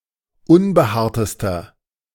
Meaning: inflection of unbehaart: 1. strong/mixed nominative masculine singular superlative degree 2. strong genitive/dative feminine singular superlative degree 3. strong genitive plural superlative degree
- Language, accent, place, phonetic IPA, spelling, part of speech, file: German, Germany, Berlin, [ˈʊnbəˌhaːɐ̯təstɐ], unbehaartester, adjective, De-unbehaartester.ogg